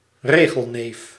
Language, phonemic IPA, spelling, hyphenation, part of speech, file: Dutch, /ˈreː.ɣəlˌneːf/, regelneef, re‧gel‧neef, noun, Nl-regelneef.ogg
- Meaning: a petty, rules-obsessed person; a stickler for rules; control freak